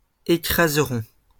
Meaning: third-person plural future of écraser
- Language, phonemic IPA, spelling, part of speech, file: French, /e.kʁaz.ʁɔ̃/, écraseront, verb, LL-Q150 (fra)-écraseront.wav